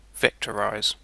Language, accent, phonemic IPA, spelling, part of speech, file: English, UK, /ˈvɛktəɹaɪz/, vectorize, verb, En-uk-vectorize.ogg
- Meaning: To convert an image into a vector graphics format